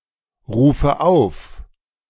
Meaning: inflection of aufrufen: 1. first-person singular present 2. first/third-person singular subjunctive I 3. singular imperative
- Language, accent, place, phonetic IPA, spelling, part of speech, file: German, Germany, Berlin, [ˌʁuːfə ˈaʊ̯f], rufe auf, verb, De-rufe auf.ogg